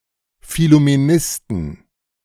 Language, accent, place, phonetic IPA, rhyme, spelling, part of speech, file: German, Germany, Berlin, [fɪlumeˈnɪstn̩], -ɪstn̩, Phillumenisten, noun, De-Phillumenisten.ogg
- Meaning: inflection of Phillumenist: 1. genitive/dative/accusative singular 2. nominative/genitive/dative/accusative plural